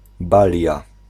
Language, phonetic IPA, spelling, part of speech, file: Polish, [ˈbalʲja], balia, noun, Pl-balia.ogg